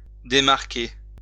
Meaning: 1. to remove a mark or label from 2. to remove a bookmark from; take out a bookmark 3. to reduce or mark down (a price) 4. to get free from a marker (someone who is marking)
- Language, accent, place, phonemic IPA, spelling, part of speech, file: French, France, Lyon, /de.maʁ.ke/, démarquer, verb, LL-Q150 (fra)-démarquer.wav